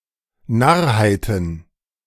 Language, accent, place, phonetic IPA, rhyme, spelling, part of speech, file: German, Germany, Berlin, [ˈnaʁhaɪ̯tn̩], -aʁhaɪ̯tn̩, Narrheiten, noun, De-Narrheiten.ogg
- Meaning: plural of Narrheit